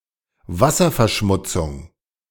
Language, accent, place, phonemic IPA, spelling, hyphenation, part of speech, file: German, Germany, Berlin, /ˈvasɐfɛɐ̯ˌʃmʊt͡sʊŋ/, Wasserverschmutzung, Was‧ser‧ver‧schmut‧zung, noun, De-Wasserverschmutzung.ogg
- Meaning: water pollution